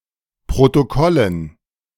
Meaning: dative plural of Protokoll
- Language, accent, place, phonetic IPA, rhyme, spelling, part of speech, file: German, Germany, Berlin, [pʁotoˈkɔlən], -ɔlən, Protokollen, noun, De-Protokollen.ogg